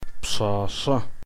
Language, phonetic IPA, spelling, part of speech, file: Adyghe, [pʂaːʂa], пшъашъэ, noun, Pshahsa.ogg
- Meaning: 1. girl 2. young woman, young lady